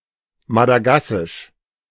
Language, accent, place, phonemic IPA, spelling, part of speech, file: German, Germany, Berlin, /madaˈɡasɪʃ/, madagassisch, adjective, De-madagassisch.ogg
- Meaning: Malagasy (related to Madagascar, its people or its language)